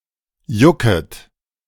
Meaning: second-person plural subjunctive I of jucken
- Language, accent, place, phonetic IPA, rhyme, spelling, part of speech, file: German, Germany, Berlin, [ˈjʊkət], -ʊkət, jucket, verb, De-jucket.ogg